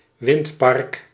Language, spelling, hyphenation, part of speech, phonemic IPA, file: Dutch, windpark, wind‧park, noun, /ˈʋɪnt.pɑrk/, Nl-windpark.ogg
- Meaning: wind farm (array of wind turbines)